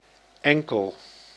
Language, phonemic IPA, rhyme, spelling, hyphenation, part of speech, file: Dutch, /ˈɛŋ.kəl/, -ɛŋkəl, enkel, en‧kel, adjective / adverb / noun, Nl-enkel.ogg
- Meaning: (adjective) 1. single 2. only, sole; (adverb) exclusively, only, solely; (noun) ankle